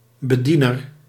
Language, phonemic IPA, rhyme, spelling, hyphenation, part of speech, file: Dutch, /bəˈdi.nər/, -inər, bediener, be‧die‧ner, noun, Nl-bediener.ogg
- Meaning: operator